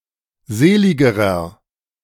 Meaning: inflection of selig: 1. strong/mixed nominative masculine singular comparative degree 2. strong genitive/dative feminine singular comparative degree 3. strong genitive plural comparative degree
- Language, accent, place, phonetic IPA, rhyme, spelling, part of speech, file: German, Germany, Berlin, [ˈzeːˌlɪɡəʁɐ], -eːlɪɡəʁɐ, seligerer, adjective, De-seligerer.ogg